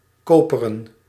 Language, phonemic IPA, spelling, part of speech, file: Dutch, /ˈkoːpərə(n)/, koperen, adjective / verb, Nl-koperen.ogg
- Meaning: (adjective) 1. copper, coppern 2. brass, brazen; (verb) 1. to copper, mount, cover, coat or otherwise fit with copper or brassware 2. to copper, colour (e.g. paint) like brass